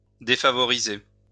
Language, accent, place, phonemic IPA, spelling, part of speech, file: French, France, Lyon, /de.fa.vɔ.ʁi.ze/, défavoriser, verb, LL-Q150 (fra)-défavoriser.wav
- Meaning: 1. to disfavour; put out 2. to disadvantage, to treat unfairly 3. to discriminate